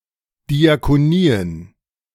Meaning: plural of Diakonie
- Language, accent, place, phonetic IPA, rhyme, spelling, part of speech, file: German, Germany, Berlin, [diakoˈniːən], -iːən, Diakonien, noun, De-Diakonien.ogg